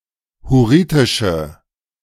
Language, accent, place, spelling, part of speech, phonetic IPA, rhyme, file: German, Germany, Berlin, hurritische, adjective, [hʊˈʁiːtɪʃə], -iːtɪʃə, De-hurritische.ogg
- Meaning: inflection of hurritisch: 1. strong/mixed nominative/accusative feminine singular 2. strong nominative/accusative plural 3. weak nominative all-gender singular